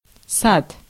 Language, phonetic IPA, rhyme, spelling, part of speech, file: Russian, [sat], -at, сад, noun, Ru-сад.ogg
- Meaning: 1. garden, orchard 2. garden (institution that collects plants or animals) 3. kindergarten